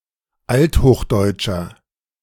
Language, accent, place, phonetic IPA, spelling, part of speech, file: German, Germany, Berlin, [ˈalthoːxˌdɔɪ̯tʃɐ], althochdeutscher, adjective, De-althochdeutscher.ogg
- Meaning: inflection of althochdeutsch: 1. strong/mixed nominative masculine singular 2. strong genitive/dative feminine singular 3. strong genitive plural